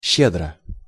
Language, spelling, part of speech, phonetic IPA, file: Russian, щедро, adverb / adjective, [ˈɕːedrə], Ru-щедро.ogg
- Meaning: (adverb) generously; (adjective) short neuter singular of ще́дрый (ščédryj)